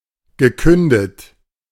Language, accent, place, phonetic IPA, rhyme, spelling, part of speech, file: German, Germany, Berlin, [ɡəˈkʏndət], -ʏndət, gekündet, verb, De-gekündet.ogg
- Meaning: past participle of künden